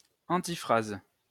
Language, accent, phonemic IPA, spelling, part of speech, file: French, France, /ɑ̃.ti.fʁaz/, antiphrase, noun, LL-Q150 (fra)-antiphrase.wav
- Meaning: antiphrasis